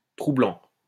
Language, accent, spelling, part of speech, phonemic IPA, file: French, France, trou blanc, noun, /tʁu blɑ̃/, LL-Q150 (fra)-trou blanc.wav
- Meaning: white hole